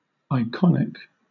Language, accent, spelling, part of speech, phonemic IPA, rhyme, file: English, Southern England, iconic, adjective, /aɪˈkɒnɪk/, -ɒnɪk, LL-Q1860 (eng)-iconic.wav
- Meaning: 1. Relating to, or having the characteristics of, an icon 2. Distinctive, characteristic, indicative of identity 3. Famously and distinctively representative of its type